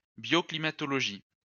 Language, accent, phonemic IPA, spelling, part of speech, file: French, France, /bjo.kli.ma.tɔ.lɔ.ʒi/, bioclimatologie, noun, LL-Q150 (fra)-bioclimatologie.wav
- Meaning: bioclimatology (science that studies interaction between biosphere and atmosphere)